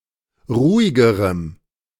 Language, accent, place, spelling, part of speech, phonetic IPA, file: German, Germany, Berlin, ruhigerem, adjective, [ˈʁuːɪɡəʁəm], De-ruhigerem.ogg
- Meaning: strong dative masculine/neuter singular comparative degree of ruhig